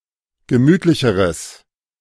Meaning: strong/mixed nominative/accusative neuter singular comparative degree of gemütlich
- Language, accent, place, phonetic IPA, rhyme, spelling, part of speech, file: German, Germany, Berlin, [ɡəˈmyːtlɪçəʁəs], -yːtlɪçəʁəs, gemütlicheres, adjective, De-gemütlicheres.ogg